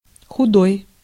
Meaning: 1. thin, lean, skinny 2. bad 3. worn out, torn, holey
- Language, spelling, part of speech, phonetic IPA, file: Russian, худой, adjective, [xʊˈdoj], Ru-худой.ogg